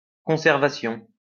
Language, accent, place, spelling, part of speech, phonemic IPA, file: French, France, Lyon, conservation, noun, /kɔ̃.sɛʁ.va.sjɔ̃/, LL-Q150 (fra)-conservation.wav
- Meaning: conservation